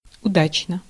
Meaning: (adverb) fortunately, luckily; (adjective) short neuter singular of уда́чный (udáčnyj)
- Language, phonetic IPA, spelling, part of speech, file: Russian, [ʊˈdat͡ɕnə], удачно, adverb / adjective, Ru-удачно.ogg